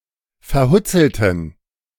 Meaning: inflection of verhutzelt: 1. strong genitive masculine/neuter singular 2. weak/mixed genitive/dative all-gender singular 3. strong/weak/mixed accusative masculine singular 4. strong dative plural
- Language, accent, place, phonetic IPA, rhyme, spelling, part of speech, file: German, Germany, Berlin, [fɛɐ̯ˈhʊt͡sl̩tn̩], -ʊt͡sl̩tn̩, verhutzelten, adjective, De-verhutzelten.ogg